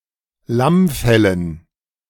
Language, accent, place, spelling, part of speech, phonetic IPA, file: German, Germany, Berlin, Lammfellen, noun, [ˈlamˌfɛlən], De-Lammfellen.ogg
- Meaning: dative plural of Lammfell